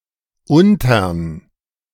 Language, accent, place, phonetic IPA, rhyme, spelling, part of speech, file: German, Germany, Berlin, [ˈʊntɐn], -ʊntɐn, untern, abbreviation, De-untern.ogg
- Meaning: contraction of unter + den